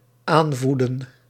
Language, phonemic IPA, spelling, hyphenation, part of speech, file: Dutch, /ˈaːnˌvu.də(n)/, aanvoeden, aan‧voe‧den, verb, Nl-aanvoeden.ogg
- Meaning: to raise, to cultivate, to bring up (figuratively) to incite, to encourage